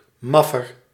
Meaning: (noun) 1. sleeper (one who sleeps) 2. scab (strikebreaker); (adjective) comparative degree of maf
- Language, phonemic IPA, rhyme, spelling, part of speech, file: Dutch, /ˈmɑ.fər/, -ɑfər, maffer, noun / adjective, Nl-maffer.ogg